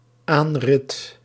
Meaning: 1. approach (by vehicle or mount), the action of approaching by driving or riding 2. stretch of road or path for gaining access, especially ramp for accessing bridges
- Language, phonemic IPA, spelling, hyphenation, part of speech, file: Dutch, /ˈaːn.rɪt/, aanrit, aan‧rit, noun, Nl-aanrit.ogg